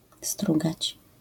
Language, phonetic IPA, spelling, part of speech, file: Polish, [ˈstruɡat͡ɕ], strugać, verb, LL-Q809 (pol)-strugać.wav